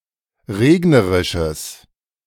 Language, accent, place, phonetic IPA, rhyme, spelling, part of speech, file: German, Germany, Berlin, [ˈʁeːɡnəʁɪʃəs], -eːɡnəʁɪʃəs, regnerisches, adjective, De-regnerisches.ogg
- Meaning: strong/mixed nominative/accusative neuter singular of regnerisch